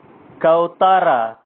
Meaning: pigeon
- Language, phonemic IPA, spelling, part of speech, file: Pashto, /kawˈt̪əˈra/, كوتره, noun, كوتره.ogg